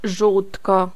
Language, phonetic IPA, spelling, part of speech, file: Polish, [ˈʒuwtkɔ], żółtko, noun, Pl-żółtko.ogg